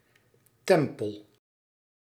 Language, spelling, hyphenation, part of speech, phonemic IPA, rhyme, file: Dutch, tempel, tem‧pel, noun, /ˈtɛm.pəl/, -ɛmpəl, Nl-tempel.ogg
- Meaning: a temple, building destined as place of worship; specifically: 1. a Jewish synagogue 2. a masonic ceremonial meeting place, a lodge